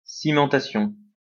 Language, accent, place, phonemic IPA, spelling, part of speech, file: French, France, Lyon, /si.mɑ̃.ta.sjɔ̃/, cimentation, noun, LL-Q150 (fra)-cimentation.wav
- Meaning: 1. cementation 2. cementing